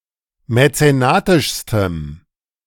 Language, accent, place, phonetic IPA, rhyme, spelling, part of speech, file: German, Germany, Berlin, [mɛt͡seˈnaːtɪʃstəm], -aːtɪʃstəm, mäzenatischstem, adjective, De-mäzenatischstem.ogg
- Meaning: strong dative masculine/neuter singular superlative degree of mäzenatisch